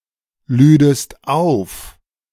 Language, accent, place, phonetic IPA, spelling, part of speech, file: German, Germany, Berlin, [ˌlyːdəst ˈaʊ̯f], lüdest auf, verb, De-lüdest auf.ogg
- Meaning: second-person singular subjunctive II of aufladen